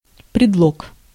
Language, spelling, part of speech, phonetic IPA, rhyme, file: Russian, предлог, noun, [prʲɪdˈɫok], -ok, Ru-предлог.ogg
- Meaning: 1. pretext, excuse, pretense 2. preposition